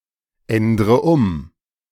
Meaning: inflection of umändern: 1. first-person singular present 2. first/third-person singular subjunctive I 3. singular imperative
- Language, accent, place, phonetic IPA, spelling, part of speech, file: German, Germany, Berlin, [ˌɛndʁə ˈʊm], ändre um, verb, De-ändre um.ogg